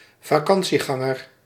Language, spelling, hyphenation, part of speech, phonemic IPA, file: Dutch, vakantieganger, va‧kan‧tie‧gan‧ger, noun, /vaːˈkɑn.(t)siˌɣɑ.ŋər/, Nl-vakantieganger.ogg
- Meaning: holidaymaker, vacationer